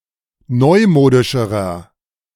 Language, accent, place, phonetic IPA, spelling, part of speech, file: German, Germany, Berlin, [ˈnɔɪ̯ˌmoːdɪʃəʁɐ], neumodischerer, adjective, De-neumodischerer.ogg
- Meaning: inflection of neumodisch: 1. strong/mixed nominative masculine singular comparative degree 2. strong genitive/dative feminine singular comparative degree 3. strong genitive plural comparative degree